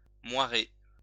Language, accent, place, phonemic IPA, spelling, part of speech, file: French, France, Lyon, /mwa.ʁe/, moiré, adjective / noun, LL-Q150 (fra)-moiré.wav
- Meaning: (adjective) 1. moiré, watered (effect) 2. shimmering; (noun) moiré, watered effect, clouded effect